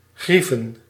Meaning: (verb) 1. to emotionally hurt, to cause grief to 2. to physically hurt, to damage; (noun) plural of grief
- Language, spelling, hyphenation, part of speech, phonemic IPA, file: Dutch, grieven, grie‧ven, verb / noun, /ˈɣri.və(n)/, Nl-grieven.ogg